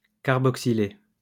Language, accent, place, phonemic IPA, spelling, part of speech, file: French, France, Lyon, /kaʁ.bɔk.si.le/, carboxyler, verb, LL-Q150 (fra)-carboxyler.wav
- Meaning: to carboxylate